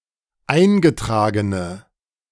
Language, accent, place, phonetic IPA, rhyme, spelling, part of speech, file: German, Germany, Berlin, [ˈaɪ̯nɡəˌtʁaːɡənə], -aɪ̯nɡətʁaːɡənə, eingetragene, adjective, De-eingetragene.ogg
- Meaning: inflection of eingetragen: 1. strong/mixed nominative/accusative feminine singular 2. strong nominative/accusative plural 3. weak nominative all-gender singular